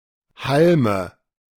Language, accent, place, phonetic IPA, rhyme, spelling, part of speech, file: German, Germany, Berlin, [ˈhalmə], -almə, Halme, noun, De-Halme.ogg
- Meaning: nominative/accusative/genitive plural of Halm